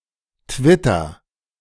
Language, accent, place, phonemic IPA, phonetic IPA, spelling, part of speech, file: German, Germany, Berlin, /ˈtvɪtər/, [ˈtʋɪtɐ], Twitter, proper noun, De-Twitter.ogg
- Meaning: Twitter